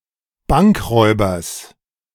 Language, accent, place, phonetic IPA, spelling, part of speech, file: German, Germany, Berlin, [ˈbaŋkˌʁɔɪ̯bɐs], Bankräubers, noun, De-Bankräubers.ogg
- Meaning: genitive singular of Bankräuber